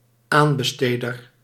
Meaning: tendering party, contract awarder
- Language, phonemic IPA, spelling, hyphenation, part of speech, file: Dutch, /ˈaːn.bəˌsteː.dər/, aanbesteder, aan‧be‧ste‧der, noun, Nl-aanbesteder.ogg